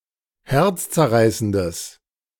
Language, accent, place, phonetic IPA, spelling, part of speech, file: German, Germany, Berlin, [ˈhɛʁt͡st͡sɛɐ̯ˌʁaɪ̯səndəs], herzzerreißendes, adjective, De-herzzerreißendes.ogg
- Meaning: strong/mixed nominative/accusative neuter singular of herzzerreißend